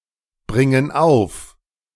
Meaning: inflection of aufbringen: 1. first/third-person plural present 2. first/third-person plural subjunctive I
- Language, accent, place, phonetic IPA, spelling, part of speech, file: German, Germany, Berlin, [ˌbʁɪŋən ˈaʊ̯f], bringen auf, verb, De-bringen auf.ogg